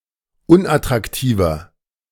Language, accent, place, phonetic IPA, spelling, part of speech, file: German, Germany, Berlin, [ˈʊnʔatʁakˌtiːvɐ], unattraktiver, adjective, De-unattraktiver.ogg
- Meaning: 1. comparative degree of unattraktiv 2. inflection of unattraktiv: strong/mixed nominative masculine singular 3. inflection of unattraktiv: strong genitive/dative feminine singular